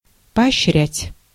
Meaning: to encourage, to incentivise, to abet (to support, uphold, or aid)
- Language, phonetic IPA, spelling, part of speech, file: Russian, [pɐɐɕːˈrʲætʲ], поощрять, verb, Ru-поощрять.ogg